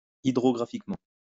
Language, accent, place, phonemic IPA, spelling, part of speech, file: French, France, Lyon, /i.dʁɔ.ɡʁa.fik.mɑ̃/, hydrographiquement, adverb, LL-Q150 (fra)-hydrographiquement.wav
- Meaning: hydrographically